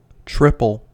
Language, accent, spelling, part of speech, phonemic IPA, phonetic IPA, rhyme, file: English, US, triple, adjective / noun / verb, /ˈtɹɪp.əl/, [ˈtɹɪp.l̩], -ɪpəl, En-us-triple.ogg
- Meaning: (adjective) 1. Made up of three related elements, often matching 2. Of three times the quantity; treble 3. Designed for three users 4. Folded in three; composed of three layers 5. Having three aspects